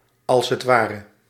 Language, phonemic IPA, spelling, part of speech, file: Dutch, /ˌɑlsətˈwarə/, a.h.w., adverb, Nl-a.h.w..ogg
- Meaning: as it were; abbreviation of als het ware